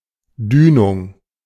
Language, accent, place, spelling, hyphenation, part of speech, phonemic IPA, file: German, Germany, Berlin, Dünung, Dü‧nung, noun, /ˈdyːnʊŋ/, De-Dünung.ogg
- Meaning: swell (series of waves, especially after a storm)